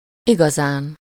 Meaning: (adverb) really (as an intensifier); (noun) superessive singular of igaza
- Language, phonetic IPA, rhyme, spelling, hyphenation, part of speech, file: Hungarian, [ˈiɡɒzaːn], -aːn, igazán, iga‧zán, adverb / noun, Hu-igazán.ogg